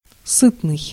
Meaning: 1. hearty, filling (meal, food) 2. having plenty of food 3. prosperous 4. lucrative
- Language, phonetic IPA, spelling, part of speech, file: Russian, [ˈsɨtnɨj], сытный, adjective, Ru-сытный.ogg